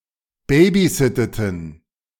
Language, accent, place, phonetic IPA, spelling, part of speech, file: German, Germany, Berlin, [ˈbeːbiˌzɪtətn̩], babysitteten, verb, De-babysitteten.ogg
- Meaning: inflection of babysitten: 1. first/third-person plural preterite 2. first/third-person plural subjunctive II